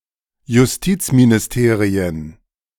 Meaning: plural of Justizministerium
- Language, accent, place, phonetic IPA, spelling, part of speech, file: German, Germany, Berlin, [jʊsˈtiːt͡sminɪsˌteːʁiən], Justizministerien, noun, De-Justizministerien.ogg